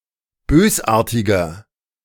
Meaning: 1. comparative degree of bösartig 2. inflection of bösartig: strong/mixed nominative masculine singular 3. inflection of bösartig: strong genitive/dative feminine singular
- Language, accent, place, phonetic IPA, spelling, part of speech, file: German, Germany, Berlin, [ˈbøːsˌʔaːɐ̯tɪɡɐ], bösartiger, adjective, De-bösartiger.ogg